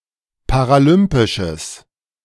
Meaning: strong/mixed nominative/accusative neuter singular of paralympisch
- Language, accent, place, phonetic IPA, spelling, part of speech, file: German, Germany, Berlin, [paʁaˈlʏmpɪʃəs], paralympisches, adjective, De-paralympisches.ogg